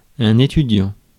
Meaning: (noun) student; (adjective) studying (in the process of studying); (verb) present participle of étudier
- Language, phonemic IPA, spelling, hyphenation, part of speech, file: French, /e.ty.djɑ̃/, étudiant, é‧tu‧diant, noun / adjective / verb, Fr-étudiant.ogg